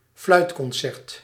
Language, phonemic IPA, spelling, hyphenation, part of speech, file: Dutch, /ˈflœy̯y.kɔnˌsɛrt/, fluitconcert, fluit‧con‧cert, noun, Nl-fluitconcert.ogg
- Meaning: 1. a flute concerto 2. a supporters' chorus of jeering, whistling and booing